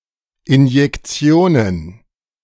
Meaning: plural of Injektion
- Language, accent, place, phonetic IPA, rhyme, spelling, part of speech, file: German, Germany, Berlin, [ɪnjɛkˈt͡si̯oːnən], -oːnən, Injektionen, noun, De-Injektionen.ogg